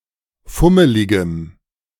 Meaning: strong dative masculine/neuter singular of fummelig
- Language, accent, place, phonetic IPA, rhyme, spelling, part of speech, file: German, Germany, Berlin, [ˈfʊməlɪɡəm], -ʊməlɪɡəm, fummeligem, adjective, De-fummeligem.ogg